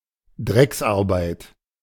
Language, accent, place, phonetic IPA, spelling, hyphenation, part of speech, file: German, Germany, Berlin, [ˈdʀɛksʔaʁˌbaɪ̯t], Drecksarbeit, Drecks‧ar‧beit, noun, De-Drecksarbeit.ogg
- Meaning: dirty work